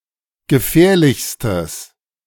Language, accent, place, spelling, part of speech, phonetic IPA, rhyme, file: German, Germany, Berlin, gefährlichstes, adjective, [ɡəˈfɛːɐ̯lɪçstəs], -ɛːɐ̯lɪçstəs, De-gefährlichstes.ogg
- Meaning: strong/mixed nominative/accusative neuter singular superlative degree of gefährlich